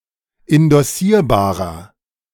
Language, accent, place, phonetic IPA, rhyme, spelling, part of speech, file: German, Germany, Berlin, [ɪndɔˈsiːɐ̯baːʁɐ], -iːɐ̯baːʁɐ, indossierbarer, adjective, De-indossierbarer.ogg
- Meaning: inflection of indossierbar: 1. strong/mixed nominative masculine singular 2. strong genitive/dative feminine singular 3. strong genitive plural